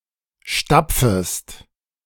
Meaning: second-person singular subjunctive I of stapfen
- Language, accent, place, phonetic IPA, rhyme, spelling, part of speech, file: German, Germany, Berlin, [ˈʃtap͡fəst], -ap͡fəst, stapfest, verb, De-stapfest.ogg